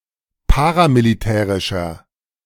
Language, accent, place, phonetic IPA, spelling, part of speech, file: German, Germany, Berlin, [ˈpaːʁamiliˌtɛːʁɪʃɐ], paramilitärischer, adjective, De-paramilitärischer.ogg
- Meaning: inflection of paramilitärisch: 1. strong/mixed nominative masculine singular 2. strong genitive/dative feminine singular 3. strong genitive plural